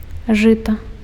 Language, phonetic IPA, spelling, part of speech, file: Belarusian, [ˈʐɨta], жыта, noun, Be-жыта.ogg
- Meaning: rye